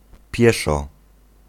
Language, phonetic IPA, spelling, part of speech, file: Polish, [ˈpʲjɛʃɔ], pieszo, adverb, Pl-pieszo.ogg